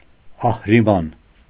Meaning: Ahriman
- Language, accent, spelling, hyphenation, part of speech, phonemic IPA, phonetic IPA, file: Armenian, Eastern Armenian, Ահրիման, Ահ‧րի‧ման, proper noun, /ɑhɾiˈmɑn/, [ɑhɾimɑ́n], Hy-Ահրիման.ogg